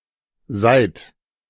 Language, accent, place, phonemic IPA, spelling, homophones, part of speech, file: German, Germany, Berlin, /zaɪ̯t/, seit, seid, conjunction / preposition, De-seit.ogg
- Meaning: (conjunction) since; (preposition) for (some past period of time)